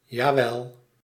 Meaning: 1. an emphatic yes, to indicate strong agreement, or dissent in reply to a negative statement or question 2. yessir
- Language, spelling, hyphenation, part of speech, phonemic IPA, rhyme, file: Dutch, jawel, ja‧wel, adverb, /jaːˈʋɛl/, -ɛl, Nl-jawel.ogg